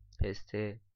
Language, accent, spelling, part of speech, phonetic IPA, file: Persian, Iran, پسته, noun, [pʰes.t̪ʰé], Fa-پسته.oga
- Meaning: pistachio